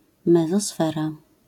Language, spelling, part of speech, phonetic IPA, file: Polish, mezosfera, noun, [ˌmɛzɔˈsfɛra], LL-Q809 (pol)-mezosfera.wav